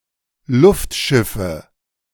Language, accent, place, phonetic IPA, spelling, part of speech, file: German, Germany, Berlin, [ˈlʊftˌʃɪfə], Luftschiffe, noun, De-Luftschiffe.ogg
- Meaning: nominative/accusative/genitive plural of Luftschiff